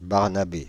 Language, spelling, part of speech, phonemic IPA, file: French, Barnabé, proper noun, /baʁ.na.be/, Fr-Barnabé.ogg
- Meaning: a male given name, equivalent to English Barnaby or Barnabas